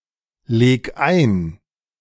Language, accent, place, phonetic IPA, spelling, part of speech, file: German, Germany, Berlin, [ˌleːk ˈaɪ̯n], leg ein, verb, De-leg ein.ogg
- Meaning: 1. singular imperative of einlegen 2. first-person singular present of einlegen